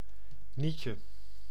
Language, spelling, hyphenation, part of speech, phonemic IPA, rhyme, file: Dutch, nietje, niet‧je, noun, /ˈnitjə/, -itjə, Nl-nietje.ogg
- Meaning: staple